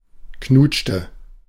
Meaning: inflection of knutschen: 1. first/third-person singular preterite 2. first/third-person singular subjunctive II
- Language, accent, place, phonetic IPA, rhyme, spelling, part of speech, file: German, Germany, Berlin, [ˈknuːt͡ʃtə], -uːt͡ʃtə, knutschte, verb, De-knutschte.ogg